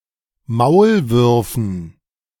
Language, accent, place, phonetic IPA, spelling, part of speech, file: German, Germany, Berlin, [ˈmaʊ̯lˌvʏʁfn̩], Maulwürfen, noun, De-Maulwürfen.ogg
- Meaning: dative plural of Maulwurf